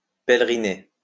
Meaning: alternative spelling of pèleriner
- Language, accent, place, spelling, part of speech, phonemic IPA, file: French, France, Lyon, péleriner, verb, /pɛl.ʁi.ne/, LL-Q150 (fra)-péleriner.wav